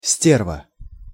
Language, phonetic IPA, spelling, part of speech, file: Russian, [ˈsʲtʲervə], стерва, noun, Ru-стерва.ogg
- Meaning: 1. bitch, vixen, old witch (a malicious, quarrelsome or temperamental woman) 2. bastard, son of a bitch, asshole (a malicious, quarrelsome or temperamental person)